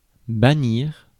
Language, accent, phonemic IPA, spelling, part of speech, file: French, France, /ba.niʁ/, bannir, verb, Fr-bannir.ogg
- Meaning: 1. to banish 2. to ban, to proscribe, to forbid, to prohibit